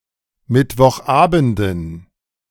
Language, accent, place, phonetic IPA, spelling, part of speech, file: German, Germany, Berlin, [ˌmɪtvɔxˈʔaːbn̩dən], Mittwochabenden, noun, De-Mittwochabenden.ogg
- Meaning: dative plural of Mittwochabend